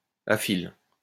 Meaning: aphyllous
- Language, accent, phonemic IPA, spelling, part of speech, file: French, France, /a.fil/, aphylle, adjective, LL-Q150 (fra)-aphylle.wav